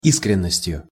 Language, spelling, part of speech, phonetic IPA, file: Russian, искренностью, noun, [ˈiskrʲɪn(ː)əsʲtʲjʊ], Ru-искренностью.ogg
- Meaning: instrumental singular of и́скренность (ískrennostʹ)